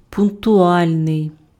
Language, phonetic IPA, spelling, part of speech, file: Ukrainian, [pʊnktʊˈalʲnei̯], пунктуальний, adjective, Uk-пунктуальний.ogg
- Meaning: punctual